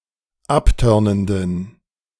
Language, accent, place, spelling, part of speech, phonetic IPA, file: German, Germany, Berlin, abtörnenden, adjective, [ˈapˌtœʁnəndn̩], De-abtörnenden.ogg
- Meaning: inflection of abtörnend: 1. strong genitive masculine/neuter singular 2. weak/mixed genitive/dative all-gender singular 3. strong/weak/mixed accusative masculine singular 4. strong dative plural